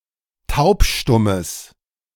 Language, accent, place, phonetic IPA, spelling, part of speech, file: German, Germany, Berlin, [ˈtaʊ̯pˌʃtʊməs], taubstummes, adjective, De-taubstummes.ogg
- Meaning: strong/mixed nominative/accusative neuter singular of taubstumm